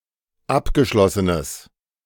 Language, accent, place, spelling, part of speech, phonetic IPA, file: German, Germany, Berlin, abgeschlossenes, adjective, [ˈapɡəˌʃlɔsənəs], De-abgeschlossenes.ogg
- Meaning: strong/mixed nominative/accusative neuter singular of abgeschlossen